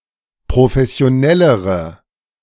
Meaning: inflection of professionell: 1. strong/mixed nominative/accusative feminine singular comparative degree 2. strong nominative/accusative plural comparative degree
- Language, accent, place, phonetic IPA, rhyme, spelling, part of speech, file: German, Germany, Berlin, [pʁofɛsi̯oˈnɛləʁə], -ɛləʁə, professionellere, adjective, De-professionellere.ogg